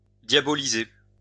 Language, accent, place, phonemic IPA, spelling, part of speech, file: French, France, Lyon, /dja.bɔ.li.ze/, diaboliser, verb, LL-Q150 (fra)-diaboliser.wav
- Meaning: to demonise